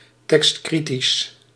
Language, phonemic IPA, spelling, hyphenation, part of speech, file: Dutch, /ˌtɛkstˈkri.tis/, tekstkritisch, tekst‧kri‧tisch, adjective, Nl-tekstkritisch.ogg
- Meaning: text-critical